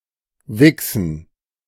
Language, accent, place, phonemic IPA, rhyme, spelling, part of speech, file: German, Germany, Berlin, /ˈvɪksn̩/, -ɪksn̩, wichsen, verb, De-wichsen.ogg
- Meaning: 1. to wax, to polish (an object with a substance to make it shiny and/or clean) 2. to beat, to hit, to pound 3. to masturbate, to wank, to toss off (to manually stimulate the penis)